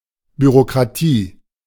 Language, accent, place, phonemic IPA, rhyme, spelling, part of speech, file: German, Germany, Berlin, /byʁokʁaˈtiː/, -iː, Bürokratie, noun, De-Bürokratie.ogg
- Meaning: bureaucracy